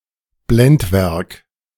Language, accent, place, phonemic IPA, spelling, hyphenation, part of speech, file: German, Germany, Berlin, /ˈblɛntˌvɛʁk/, Blendwerk, Blend‧werk, noun, De-Blendwerk.ogg
- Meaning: illusion